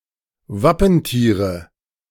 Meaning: nominative/accusative/genitive plural of Wappentier
- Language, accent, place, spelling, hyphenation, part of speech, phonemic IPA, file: German, Germany, Berlin, Wappentiere, Wap‧pen‧tie‧re, noun, /ˈvapənˌtiːʁə/, De-Wappentiere.ogg